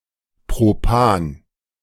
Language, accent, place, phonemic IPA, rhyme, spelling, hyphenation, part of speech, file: German, Germany, Berlin, /ˌpʁoˈpaːn/, -aːn, Propan, Pro‧pan, noun, De-Propan.ogg
- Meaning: propane